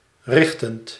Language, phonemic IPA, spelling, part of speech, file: Dutch, /ˈrɪxtənt/, richtend, verb / adjective, Nl-richtend.ogg
- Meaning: present participle of richten